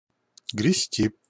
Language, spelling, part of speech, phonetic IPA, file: Russian, грести, verb, [ɡrʲɪˈsʲtʲi], Ru-грести.ogg
- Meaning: 1. to row, to scull 2. to rake 3. to rake in (money)